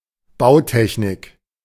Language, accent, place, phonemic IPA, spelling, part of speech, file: German, Germany, Berlin, /ˈbaʊ̯ˌtɛçnɪk/, Bautechnik, noun, De-Bautechnik.ogg
- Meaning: structural engineering